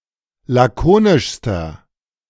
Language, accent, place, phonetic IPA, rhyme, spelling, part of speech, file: German, Germany, Berlin, [ˌlaˈkoːnɪʃstɐ], -oːnɪʃstɐ, lakonischster, adjective, De-lakonischster.ogg
- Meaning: inflection of lakonisch: 1. strong/mixed nominative masculine singular superlative degree 2. strong genitive/dative feminine singular superlative degree 3. strong genitive plural superlative degree